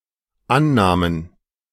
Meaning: first/third-person plural dependent preterite of annehmen
- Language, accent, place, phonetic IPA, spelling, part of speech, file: German, Germany, Berlin, [ˈanˌnaːmən], annahmen, verb, De-annahmen.ogg